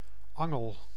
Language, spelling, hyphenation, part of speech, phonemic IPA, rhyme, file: Dutch, angel, an‧gel, noun, /ˈɑŋəl/, -ɑŋəl, Nl-angel.ogg
- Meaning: 1. sting, dart (insect's organ) 2. hook, fish-hook, angle 3. tang (extension of a tool or weapon's head that is inserted in a handle) 4. a snake's tongue